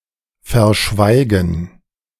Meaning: to conceal (to hide something by remaining silent about it), to fail to mention, to keep (information) quiet
- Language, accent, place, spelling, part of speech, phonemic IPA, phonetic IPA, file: German, Germany, Berlin, verschweigen, verb, /fɛʁˈʃvaɪ̯ɡən/, [fɛɐ̯ˈʃvaɪ̯ɡŋ̍], De-verschweigen.ogg